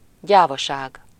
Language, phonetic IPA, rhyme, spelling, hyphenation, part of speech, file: Hungarian, [ˈɟaːvɒʃaːɡ], -aːɡ, gyávaság, gyá‧va‧ság, noun, Hu-gyávaság.ogg
- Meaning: cowardice